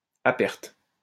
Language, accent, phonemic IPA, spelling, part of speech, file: French, France, /a pɛʁt/, à perte, adverb, LL-Q150 (fra)-à perte.wav
- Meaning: at a loss (below the cost or price of purchase)